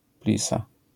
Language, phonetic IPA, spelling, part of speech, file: Polish, [ˈplʲisa], plisa, noun, LL-Q809 (pol)-plisa.wav